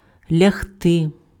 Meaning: to lie down
- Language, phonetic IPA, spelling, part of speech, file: Ukrainian, [lʲɐɦˈtɪ], лягти, verb, Uk-лягти.ogg